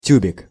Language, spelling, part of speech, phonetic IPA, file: Russian, тюбик, noun, [ˈtʲʉbʲɪk], Ru-тюбик.ogg
- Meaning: 1. tube (container) 2. A man with neglectful or manipulative qualities